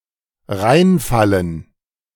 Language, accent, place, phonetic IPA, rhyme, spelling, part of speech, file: German, Germany, Berlin, [ˈʁaɪ̯nˌfalən], -aɪ̯nfalən, reinfallen, verb, De-reinfallen.ogg
- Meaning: 1. to fall into 2. to fall for, to be deceived by